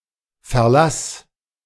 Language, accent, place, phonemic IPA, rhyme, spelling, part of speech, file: German, Germany, Berlin, /fɛɐ̯ˈlas/, -as, Verlass, noun, De-Verlass.ogg
- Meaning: reliance